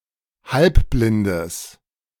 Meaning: strong/mixed nominative/accusative neuter singular of halbblind
- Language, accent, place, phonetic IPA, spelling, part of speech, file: German, Germany, Berlin, [ˈhalpblɪndəs], halbblindes, adjective, De-halbblindes.ogg